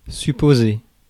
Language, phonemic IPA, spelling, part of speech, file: French, /sy.po.ze/, supposer, verb, Fr-supposer.ogg
- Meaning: 1. to suppose, to think, to reckon, to surmise 2. to suggest, to imply